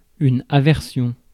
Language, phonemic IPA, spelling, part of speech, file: French, /a.vɛʁ.sjɔ̃/, aversion, noun, Fr-aversion.ogg
- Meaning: aversion